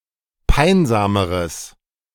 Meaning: strong/mixed nominative/accusative neuter singular comparative degree of peinsam
- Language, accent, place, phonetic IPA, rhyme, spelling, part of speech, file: German, Germany, Berlin, [ˈpaɪ̯nzaːməʁəs], -aɪ̯nzaːməʁəs, peinsameres, adjective, De-peinsameres.ogg